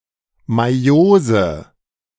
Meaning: meiosis (cell division)
- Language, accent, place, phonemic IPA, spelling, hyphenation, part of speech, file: German, Germany, Berlin, /maˈjoːzə/, Meiose, Mei‧o‧se, noun, De-Meiose.ogg